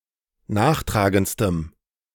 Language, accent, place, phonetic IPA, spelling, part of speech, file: German, Germany, Berlin, [ˈnaːxˌtʁaːɡənt͡stəm], nachtragendstem, adjective, De-nachtragendstem.ogg
- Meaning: strong dative masculine/neuter singular superlative degree of nachtragend